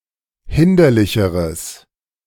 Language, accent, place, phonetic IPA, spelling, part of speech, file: German, Germany, Berlin, [ˈhɪndɐlɪçəʁəs], hinderlicheres, adjective, De-hinderlicheres.ogg
- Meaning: strong/mixed nominative/accusative neuter singular comparative degree of hinderlich